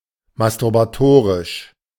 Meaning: masturbatory
- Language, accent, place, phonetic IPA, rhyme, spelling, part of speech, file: German, Germany, Berlin, [mastʊʁbaˈtoːʁɪʃ], -oːʁɪʃ, masturbatorisch, adjective, De-masturbatorisch.ogg